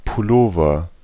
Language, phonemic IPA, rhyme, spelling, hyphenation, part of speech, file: German, /pʊˈloːvɐ/, -oːvɐ, Pullover, Pul‧lo‧ver, noun, De-Pullover.ogg
- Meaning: sweater; pullover; jumper (UK)